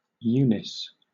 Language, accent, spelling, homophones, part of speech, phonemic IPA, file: English, Southern England, Eunice, youness, proper noun, /ˈjuːnɪs/, LL-Q1860 (eng)-Eunice.wav
- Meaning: 1. A female given name from Ancient Greek 2. A city in Louisiana 3. A city in New Mexico 4. A surname from Spanish